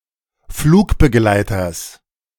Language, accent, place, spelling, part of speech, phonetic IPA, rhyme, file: German, Germany, Berlin, Flugbegleiters, noun, [ˈfluːkbəˌɡlaɪ̯tɐs], -uːkbəɡlaɪ̯tɐs, De-Flugbegleiters.ogg
- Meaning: genitive singular of Flugbegleiter